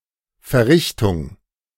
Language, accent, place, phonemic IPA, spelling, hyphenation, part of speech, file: German, Germany, Berlin, /ˌfɛɐ̯ˈʁɪçtʊŋ/, Verrichtung, Ver‧rich‧tung, noun, De-Verrichtung.ogg
- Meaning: performance